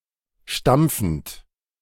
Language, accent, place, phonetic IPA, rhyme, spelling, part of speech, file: German, Germany, Berlin, [ˈʃtamp͡fn̩t], -amp͡fn̩t, stampfend, verb, De-stampfend.ogg
- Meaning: present participle of stampfen